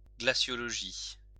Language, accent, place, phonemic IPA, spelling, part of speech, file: French, France, Lyon, /ɡla.sjɔ.lɔ.ʒi/, glaciologie, noun, LL-Q150 (fra)-glaciologie.wav
- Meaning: glaciology